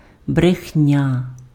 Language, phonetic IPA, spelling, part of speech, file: Ukrainian, [brexˈnʲa], брехня, noun, Uk-брехня.ogg
- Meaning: lie, falsehood, untruth